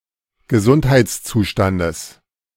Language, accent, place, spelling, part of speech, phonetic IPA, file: German, Germany, Berlin, Gesundheitszustandes, noun, [ɡəˈzʊnthaɪ̯t͡sˌt͡suːʃtandəs], De-Gesundheitszustandes.ogg
- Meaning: genitive of Gesundheitszustand